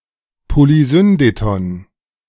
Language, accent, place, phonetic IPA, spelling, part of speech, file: German, Germany, Berlin, [poliˈzʏndetɔn], Polysyndeton, noun, De-Polysyndeton.ogg
- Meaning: polysyndeton